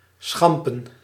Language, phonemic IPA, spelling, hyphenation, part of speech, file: Dutch, /ˈsxɑm.pə(n)/, schampen, scham‧pen, verb, Nl-schampen.ogg
- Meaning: to graze